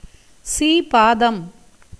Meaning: 1. holy feet, as of a God or a guru 2. vehicle-bearer attached to a Hindu temple which supports the feet of a God
- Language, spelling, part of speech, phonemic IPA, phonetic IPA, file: Tamil, சீபாதம், noun, /tʃiːbɑːd̪ɐm/, [siːbäːd̪ɐm], Ta-சீபாதம்.ogg